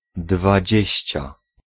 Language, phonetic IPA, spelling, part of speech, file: Polish, [dvaˈd͡ʑɛ̇ɕt͡ɕa], dwadzieścia, adjective, Pl-dwadzieścia.ogg